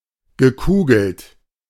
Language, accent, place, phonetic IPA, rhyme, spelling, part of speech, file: German, Germany, Berlin, [ɡəˈkuːɡl̩t], -uːɡl̩t, gekugelt, verb, De-gekugelt.ogg
- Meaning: past participle of kugeln